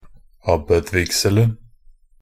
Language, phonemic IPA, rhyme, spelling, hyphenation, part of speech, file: Norwegian Bokmål, /ˈabːəd.ˈvɪɡsəln̩/, -əln̩, abbedvigselen, ab‧bed‧vig‧sel‧en, noun, Nb-abbedvigselen.ogg
- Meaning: definite singular of abbedvigsel